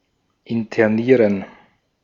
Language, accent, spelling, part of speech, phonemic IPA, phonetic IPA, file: German, Austria, internieren, verb, /ɪntəˈniːʁən/, [ʔɪntʰəˈniːɐ̯n], De-at-internieren.ogg
- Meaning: to intern